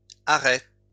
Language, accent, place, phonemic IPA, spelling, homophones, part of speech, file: French, France, Lyon, /a.ʁɛ/, arrêts, arrêt, noun, LL-Q150 (fra)-arrêts.wav
- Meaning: plural of arrêt